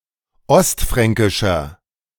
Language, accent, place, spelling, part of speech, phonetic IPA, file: German, Germany, Berlin, ostfränkischer, adjective, [ˈɔstˌfʁɛŋkɪʃɐ], De-ostfränkischer.ogg
- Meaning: inflection of ostfränkisch: 1. strong/mixed nominative masculine singular 2. strong genitive/dative feminine singular 3. strong genitive plural